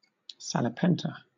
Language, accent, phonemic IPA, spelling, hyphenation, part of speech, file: English, Southern England, /ˌsælɪˈpɛntə/, salipenter, sa‧li‧pen‧ter, noun, LL-Q1860 (eng)-salipenter.wav
- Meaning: A tegu lizard (genus Tupinambis), especially the gold tegu (Tupinambis teguixin)